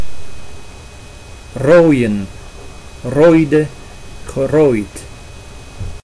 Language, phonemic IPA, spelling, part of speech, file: Dutch, /roːi̯ə(n)/, rooien, verb / noun, Nl-rooien.ogg
- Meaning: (verb) 1. to dig, dig up, excavate 2. to clear (especially of trees) 3. to manage, cope 4. to wander; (noun) plural of rooie